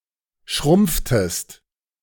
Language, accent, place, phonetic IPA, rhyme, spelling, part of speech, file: German, Germany, Berlin, [ˈʃʁʊmp͡ftəst], -ʊmp͡ftəst, schrumpftest, verb, De-schrumpftest.ogg
- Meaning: inflection of schrumpfen: 1. second-person singular preterite 2. second-person singular subjunctive II